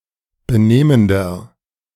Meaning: inflection of benehmend: 1. strong/mixed nominative masculine singular 2. strong genitive/dative feminine singular 3. strong genitive plural
- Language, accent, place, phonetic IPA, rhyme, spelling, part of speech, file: German, Germany, Berlin, [bəˈneːməndɐ], -eːməndɐ, benehmender, adjective, De-benehmender.ogg